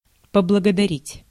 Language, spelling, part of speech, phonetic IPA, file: Russian, поблагодарить, verb, [pəbɫəɡədɐˈrʲitʲ], Ru-поблагодарить.ogg
- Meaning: to thank